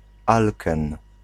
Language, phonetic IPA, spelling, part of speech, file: Polish, [ˈalkɛ̃n], alken, noun, Pl-alken.ogg